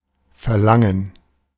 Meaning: 1. desire, yearning, longing 2. request, wish, demand
- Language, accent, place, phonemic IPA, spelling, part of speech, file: German, Germany, Berlin, /fɛɐˈlaŋən/, Verlangen, noun, De-Verlangen.ogg